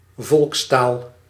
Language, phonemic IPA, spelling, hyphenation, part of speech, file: Dutch, /ˈvɔlkstaːl/, volkstaal, volks‧taal, noun, Nl-volkstaal.ogg
- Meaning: vernacular (vernacular language)